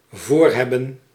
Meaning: 1. to intend 2. to wear in front
- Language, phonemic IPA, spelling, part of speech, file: Dutch, /ˈvorhɛbə(n)/, voorhebben, verb, Nl-voorhebben.ogg